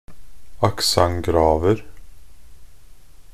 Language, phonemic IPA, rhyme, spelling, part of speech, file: Norwegian Bokmål, /akˈsaŋ.ɡrɑːʋər/, -ər, accent graver, noun, Nb-accent graver.ogg
- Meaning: indefinite plural of accent grave